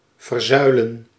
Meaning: to pillarize, to become segregated along political and religious lines
- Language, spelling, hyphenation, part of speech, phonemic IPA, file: Dutch, verzuilen, ver‧zui‧len, verb, /vərˈzœy̯.lə(n)/, Nl-verzuilen.ogg